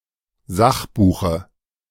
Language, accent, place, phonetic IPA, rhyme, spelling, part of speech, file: German, Germany, Berlin, [ˈzaxˌbuːxə], -axbuːxə, Sachbuche, noun, De-Sachbuche.ogg
- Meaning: dative of Sachbuch